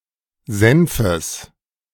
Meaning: genitive singular of Senf
- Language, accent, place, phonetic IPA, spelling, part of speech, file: German, Germany, Berlin, [ˈzɛnfəs], Senfes, noun, De-Senfes.ogg